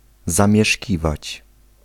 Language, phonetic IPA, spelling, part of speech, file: Polish, [ˌzãmʲjɛˈʃʲcivat͡ɕ], zamieszkiwać, verb, Pl-zamieszkiwać.ogg